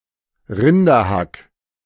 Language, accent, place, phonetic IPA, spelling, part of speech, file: German, Germany, Berlin, [ˈʁɪndɐˌhak], Rinderhack, noun, De-Rinderhack.ogg
- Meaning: ground beef, minced beef